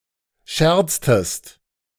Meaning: inflection of scherzen: 1. second-person singular preterite 2. second-person singular subjunctive II
- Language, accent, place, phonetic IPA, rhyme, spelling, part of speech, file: German, Germany, Berlin, [ˈʃɛʁt͡stəst], -ɛʁt͡stəst, scherztest, verb, De-scherztest.ogg